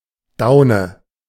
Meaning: down (soft, immature feather)
- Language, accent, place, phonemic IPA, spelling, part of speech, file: German, Germany, Berlin, /ˈdaʊ̯nə/, Daune, noun, De-Daune.ogg